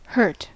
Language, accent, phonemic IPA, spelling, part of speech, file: English, US, /hɝt/, hurt, verb / adjective / noun, En-us-hurt.ogg
- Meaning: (verb) 1. To cause (a person or animal) physical pain and/or injury 2. To cause (somebody) emotional pain 3. To be painful 4. To damage, harm, impair, undermine, impede